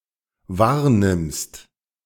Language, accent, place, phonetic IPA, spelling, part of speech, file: German, Germany, Berlin, [ˈvaːɐ̯ˌnɪmst], wahrnimmst, verb, De-wahrnimmst.ogg
- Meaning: second-person singular dependent present of wahrnehmen